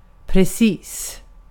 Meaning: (adjective) precise, made with great precision; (adverb) 1. precisely; exactly 2. precisely; Used to provide emphasis 3. just; by a narrow margin 4. just; moments ago 5. just; perfectly
- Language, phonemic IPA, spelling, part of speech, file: Swedish, /prɛˈsiːs/, precis, adjective / adverb, Sv-precis.ogg